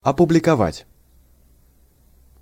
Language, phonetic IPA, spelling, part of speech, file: Russian, [ɐpʊblʲɪkɐˈvatʲ], опубликовать, verb, Ru-опубликовать.ogg
- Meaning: 1. to publish, to issue 2. to make public 3. to promulgate